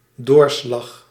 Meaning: 1. turn, final decision 2. moisture or a particulate solid that passes through a barrier like a wall 3. carbon copy 4. colander
- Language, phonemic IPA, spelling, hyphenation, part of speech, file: Dutch, /ˈdoːr.slɑx/, doorslag, door‧slag, noun, Nl-doorslag.ogg